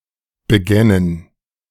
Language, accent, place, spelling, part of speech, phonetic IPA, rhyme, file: German, Germany, Berlin, begännen, verb, [bəˈɡɛnən], -ɛnən, De-begännen.ogg
- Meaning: first/third-person plural subjunctive II of beginnen